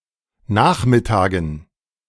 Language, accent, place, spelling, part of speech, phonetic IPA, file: German, Germany, Berlin, Nachmittagen, noun, [ˈnaːxmɪˌtaːɡn̩], De-Nachmittagen.ogg
- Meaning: dative plural of Nachmittag